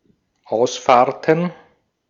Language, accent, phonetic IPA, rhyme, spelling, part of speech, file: German, Austria, [ˈaʊ̯sˌfaːɐ̯tn̩], -aʊ̯sfaːɐ̯tn̩, Ausfahrten, noun, De-at-Ausfahrten.ogg
- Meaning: plural of Ausfahrt